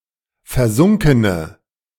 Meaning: inflection of versunken: 1. strong/mixed nominative/accusative feminine singular 2. strong nominative/accusative plural 3. weak nominative all-gender singular
- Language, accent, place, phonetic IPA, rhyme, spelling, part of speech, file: German, Germany, Berlin, [fɛɐ̯ˈzʊŋkənə], -ʊŋkənə, versunkene, adjective, De-versunkene.ogg